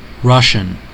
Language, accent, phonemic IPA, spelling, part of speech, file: English, US, /ˈɹʌʃ(ə)n/, Russian, adjective / noun / proper noun / verb, En-us-Russian.ogg
- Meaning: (adjective) 1. Of or pertaining to Russia or Russians 2. Of or pertaining to the Soviet Union 3. Of or pertaining to Rus 4. Of or pertaining to the Russian language